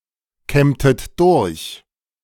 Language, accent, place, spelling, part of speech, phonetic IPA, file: German, Germany, Berlin, kämmtet durch, verb, [ˌkɛmtət ˈdʊʁç], De-kämmtet durch.ogg
- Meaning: inflection of durchkämmen: 1. second-person plural preterite 2. second-person plural subjunctive II